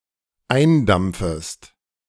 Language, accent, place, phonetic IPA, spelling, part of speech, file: German, Germany, Berlin, [ˈaɪ̯nˌdamp͡fəst], eindampfest, verb, De-eindampfest.ogg
- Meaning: second-person singular dependent subjunctive I of eindampfen